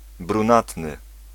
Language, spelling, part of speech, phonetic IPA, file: Polish, brunatny, adjective, [brũˈnatnɨ], Pl-brunatny.ogg